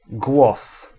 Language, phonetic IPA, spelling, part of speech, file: Polish, [ɡwɔs], głos, noun, Pl-głos.ogg